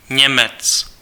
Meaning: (noun) German (person); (proper noun) a male surname originating as an ethnonym
- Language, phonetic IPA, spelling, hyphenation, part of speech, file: Czech, [ˈɲɛmɛt͡s], Němec, Ně‧mec, noun / proper noun, Cs-Němec.ogg